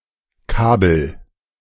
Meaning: inflection of kabeln: 1. first-person singular present 2. singular imperative
- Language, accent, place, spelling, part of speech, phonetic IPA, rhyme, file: German, Germany, Berlin, kabel, verb, [ˈkaːbl̩], -aːbl̩, De-kabel.ogg